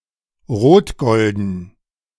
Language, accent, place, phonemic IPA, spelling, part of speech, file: German, Germany, Berlin, /ˈʁoːtˌɡɔldən/, rotgolden, adjective, De-rotgolden.ogg
- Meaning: reddish-gold (in colour)